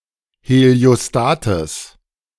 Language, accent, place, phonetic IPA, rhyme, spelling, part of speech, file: German, Germany, Berlin, [heli̯oˈstaːtəs], -aːtəs, Heliostates, noun, De-Heliostates.ogg
- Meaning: genitive singular of Heliostat